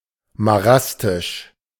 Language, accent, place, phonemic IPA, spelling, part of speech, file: German, Germany, Berlin, /maˈʁastɪʃ/, marastisch, adjective, De-marastisch.ogg
- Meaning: marantic